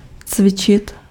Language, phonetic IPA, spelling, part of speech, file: Czech, [ˈt͡svɪt͡ʃɪt], cvičit, verb, Cs-cvičit.ogg
- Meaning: to exercise (to perform activities to develop skills)